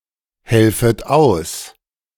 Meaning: second-person plural subjunctive I of aushelfen
- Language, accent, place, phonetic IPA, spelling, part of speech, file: German, Germany, Berlin, [ˌhɛlfət ˈaʊ̯s], helfet aus, verb, De-helfet aus.ogg